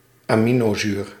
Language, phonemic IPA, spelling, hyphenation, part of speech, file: Dutch, /aːˈmi.noːˌzyːr/, aminozuur, ami‧no‧zuur, noun, Nl-aminozuur.ogg
- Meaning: amino acid